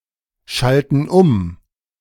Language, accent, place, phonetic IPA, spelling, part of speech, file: German, Germany, Berlin, [ˌʃaltn̩ ˈʊm], schalten um, verb, De-schalten um.ogg
- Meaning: inflection of umschalten: 1. first/third-person plural present 2. first/third-person plural subjunctive I